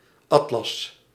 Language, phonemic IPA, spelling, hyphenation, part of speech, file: Dutch, /ˈɑt.lɑs/, Atlas, At‧las, proper noun, Nl-Atlas.ogg
- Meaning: 1. Atlas (mythological giant) 2. Atlas Mountains 3. Atlas (moon of Saturn)